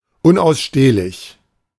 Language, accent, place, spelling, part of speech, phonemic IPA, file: German, Germany, Berlin, unausstehlich, adjective, /ˌʊnʔaʊ̯sˈʃteːlɪç/, De-unausstehlich.ogg
- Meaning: insufferable, obnoxious, intolerable, unbearable